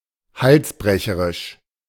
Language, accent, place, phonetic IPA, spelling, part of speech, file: German, Germany, Berlin, [ˈhalsˌbʁɛçəʁɪʃ], halsbrecherisch, adjective, De-halsbrecherisch.ogg
- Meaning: incredibly dangerous; breakneck